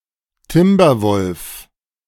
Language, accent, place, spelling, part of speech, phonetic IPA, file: German, Germany, Berlin, Timberwolf, noun, [ˈtɪmbɐˌvɔlf], De-Timberwolf.ogg
- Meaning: timber wolf, grey wolf, Canis lupus lycaon